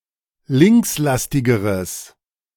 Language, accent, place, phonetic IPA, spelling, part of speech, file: German, Germany, Berlin, [ˈlɪŋksˌlastɪɡəʁəs], linkslastigeres, adjective, De-linkslastigeres.ogg
- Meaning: strong/mixed nominative/accusative neuter singular comparative degree of linkslastig